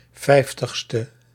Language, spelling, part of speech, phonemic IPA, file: Dutch, 50e, adjective, /ˈfɛiftəxstə/, Nl-50e.ogg
- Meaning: abbreviation of vijftigste